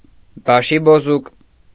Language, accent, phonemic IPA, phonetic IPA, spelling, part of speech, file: Armenian, Eastern Armenian, /bɑʃiboˈzuk/, [bɑʃibozúk], բաշիբոզուկ, noun, Hy-բաշիբոզուկ.ogg
- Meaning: 1. bashi-bazouk (an irregular soldier of the Ottoman army) 2. any Turkish or Azeri soldier 3. disorderly, undisciplined person; brigand